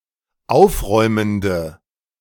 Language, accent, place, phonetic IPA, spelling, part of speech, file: German, Germany, Berlin, [ˈaʊ̯fˌʁɔɪ̯məndə], aufräumende, adjective, De-aufräumende.ogg
- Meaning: inflection of aufräumend: 1. strong/mixed nominative/accusative feminine singular 2. strong nominative/accusative plural 3. weak nominative all-gender singular